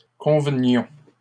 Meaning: inflection of convenir: 1. first-person plural imperfect indicative 2. first-person plural present subjunctive
- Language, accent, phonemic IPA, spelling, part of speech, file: French, Canada, /kɔ̃.və.njɔ̃/, convenions, verb, LL-Q150 (fra)-convenions.wav